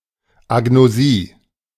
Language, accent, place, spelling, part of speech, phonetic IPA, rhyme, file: German, Germany, Berlin, Agnosie, noun, [aɡnoˈziː], -iː, De-Agnosie.ogg
- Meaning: agnosia